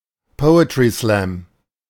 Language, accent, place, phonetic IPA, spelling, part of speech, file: German, Germany, Berlin, [ˈpɔʊ̯ətʁiˌslɛm], Poetry-Slam, noun, De-Poetry-Slam.ogg
- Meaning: poetry slam